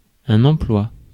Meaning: 1. job 2. employment 3. use; need 4. use, application
- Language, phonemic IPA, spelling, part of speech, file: French, /ɑ̃.plwa/, emploi, noun, Fr-emploi.ogg